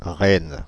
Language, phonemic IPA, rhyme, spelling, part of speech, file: French, /ʁɛn/, -ɛn, Rennes, proper noun, Fr-Rennes.ogg
- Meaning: Rennes (the capital city of Ille-et-Vilaine department, France; the capital city of the region of Brittany)